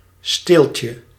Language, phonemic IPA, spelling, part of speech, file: Dutch, /ˈstelcə/, steeltje, noun, Nl-steeltje.ogg
- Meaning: diminutive of steel